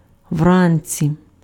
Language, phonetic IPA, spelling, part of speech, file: Ukrainian, [ˈwranʲt͡sʲi], вранці, adverb, Uk-вранці.ogg
- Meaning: in the morning